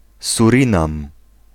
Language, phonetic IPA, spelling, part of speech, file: Polish, [suˈrʲĩnãm], Surinam, proper noun, Pl-Surinam.ogg